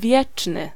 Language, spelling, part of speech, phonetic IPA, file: Polish, wieczny, adjective, [ˈvʲjɛt͡ʃnɨ], Pl-wieczny.ogg